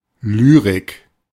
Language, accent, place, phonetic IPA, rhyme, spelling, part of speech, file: German, Germany, Berlin, [ˈlyːʁɪk], -yːʁɪk, Lyrik, noun, De-Lyrik.ogg
- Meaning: 1. poetry, verse; lyric poetry 2. lyrics